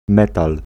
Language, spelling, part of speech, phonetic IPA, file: Polish, metal, noun, [ˈmɛtal], Pl-metal.ogg